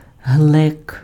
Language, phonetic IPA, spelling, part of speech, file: Ukrainian, [ɦɫɛk], глек, noun, Uk-глек.ogg
- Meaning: 1. pitcher, jar, jug (esp. one made of clay, with an indented bottom) 2. a variety of pear